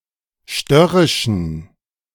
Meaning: inflection of störrisch: 1. strong genitive masculine/neuter singular 2. weak/mixed genitive/dative all-gender singular 3. strong/weak/mixed accusative masculine singular 4. strong dative plural
- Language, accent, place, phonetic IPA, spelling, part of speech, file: German, Germany, Berlin, [ˈʃtœʁɪʃn̩], störrischen, adjective, De-störrischen.ogg